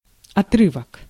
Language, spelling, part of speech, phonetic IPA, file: Russian, отрывок, noun, [ɐˈtrɨvək], Ru-отрывок.ogg
- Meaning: fragment, extract, passage